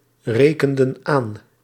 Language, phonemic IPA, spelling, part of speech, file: Dutch, /ˈrekəndə(n) ˈan/, rekenden aan, verb, Nl-rekenden aan.ogg
- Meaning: inflection of aanrekenen: 1. plural past indicative 2. plural past subjunctive